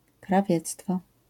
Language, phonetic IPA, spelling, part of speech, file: Polish, [kraˈvʲjɛt͡stfɔ], krawiectwo, noun, LL-Q809 (pol)-krawiectwo.wav